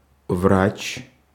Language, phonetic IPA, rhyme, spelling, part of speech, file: Russian, [vrat͡ɕ], -at͡ɕ, врач, noun, Ru-врач.ogg
- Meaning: 1. therapist, not surgeon, not hospital nurse 2. doc, vet, medic, physician, doctor